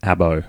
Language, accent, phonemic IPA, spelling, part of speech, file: English, Australia, /ˈæb.əʉ/, abo, noun / adjective, En-au-abo.ogg
- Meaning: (noun) An Aboriginal person; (adjective) Australian Aboriginal